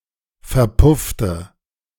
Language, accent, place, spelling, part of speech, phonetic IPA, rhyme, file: German, Germany, Berlin, verpuffte, adjective / verb, [fɛɐ̯ˈpʊftə], -ʊftə, De-verpuffte.ogg
- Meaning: inflection of verpuffen: 1. first/third-person singular preterite 2. first/third-person singular subjunctive II